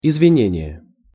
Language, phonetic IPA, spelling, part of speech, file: Russian, [ɪzvʲɪˈnʲenʲɪje], извинение, noun, Ru-извинение.ogg
- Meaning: pardon, apology, excuse, regret